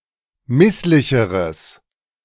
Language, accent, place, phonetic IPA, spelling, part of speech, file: German, Germany, Berlin, [ˈmɪslɪçəʁəs], misslicheres, adjective, De-misslicheres.ogg
- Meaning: strong/mixed nominative/accusative neuter singular comparative degree of misslich